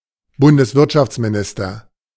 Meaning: federal minister of the economy
- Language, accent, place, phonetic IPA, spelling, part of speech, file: German, Germany, Berlin, [ˌbʊndəsˈvɪʁtʃaft͡smiˌnɪstɐ], Bundeswirtschaftsminister, noun, De-Bundeswirtschaftsminister.ogg